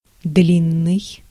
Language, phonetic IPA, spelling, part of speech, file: Russian, [ˈdlʲinːɨj], длинный, adjective, Ru-длинный.ogg
- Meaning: 1. long 2. lengthy 3. tall, lanky (of a person)